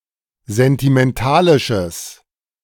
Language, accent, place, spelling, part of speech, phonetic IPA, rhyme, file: German, Germany, Berlin, sentimentalisches, adjective, [zɛntimɛnˈtaːlɪʃəs], -aːlɪʃəs, De-sentimentalisches.ogg
- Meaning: strong/mixed nominative/accusative neuter singular of sentimentalisch